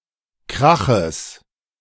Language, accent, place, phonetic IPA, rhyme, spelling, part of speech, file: German, Germany, Berlin, [ˈkʁaxəs], -axəs, Kraches, noun, De-Kraches.ogg
- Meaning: genitive singular of Krach